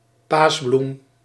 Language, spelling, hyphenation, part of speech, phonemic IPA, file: Dutch, paasbloem, paas‧bloem, noun, /ˈpaːs.blum/, Nl-paasbloem.ogg
- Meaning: a daffodil, a bulbaceous flowering plant of the genus Narcissus